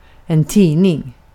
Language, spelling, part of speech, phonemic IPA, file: Swedish, tidning, noun, /²tiːnɪŋ/, Sv-tidning.ogg
- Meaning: 1. a newspaper 2. a magazine, a journal, tiding 3. a wet folden newspaper used for forming of hot glass through smoothing